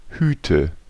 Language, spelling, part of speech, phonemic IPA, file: German, Hüte, noun, /ˈhyːtə/, De-Hüte.ogg
- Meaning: nominative/accusative/genitive plural of Hut "hats"